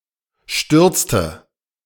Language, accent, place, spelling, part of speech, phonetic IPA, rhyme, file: German, Germany, Berlin, stürzte, verb, [ˈʃtʏʁt͡stə], -ʏʁt͡stə, De-stürzte.ogg
- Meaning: inflection of stürzen: 1. first/third-person singular preterite 2. first/third-person singular subjunctive II